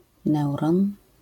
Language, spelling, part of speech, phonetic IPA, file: Polish, neuron, noun, [ˈnɛwrɔ̃n], LL-Q809 (pol)-neuron.wav